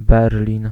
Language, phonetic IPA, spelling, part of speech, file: Polish, [ˈbɛrlʲĩn], Berlin, proper noun, Pl-Berlin.ogg